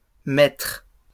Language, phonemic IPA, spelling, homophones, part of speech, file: French, /mɛtʁ/, mètres, maître / maîtres / mètre / mettre, noun, LL-Q150 (fra)-mètres.wav
- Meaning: plural of mètre